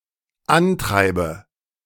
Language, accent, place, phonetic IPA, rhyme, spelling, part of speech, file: German, Germany, Berlin, [ˈanˌtʁaɪ̯bə], -antʁaɪ̯bə, antreibe, verb, De-antreibe.ogg
- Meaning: inflection of antreiben: 1. first-person singular dependent present 2. first/third-person singular dependent subjunctive I